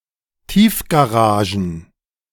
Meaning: plural of Tiefgarage
- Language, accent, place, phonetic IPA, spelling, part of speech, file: German, Germany, Berlin, [ˈtiːfɡaʁaʒn̩], Tiefgaragen, noun, De-Tiefgaragen.ogg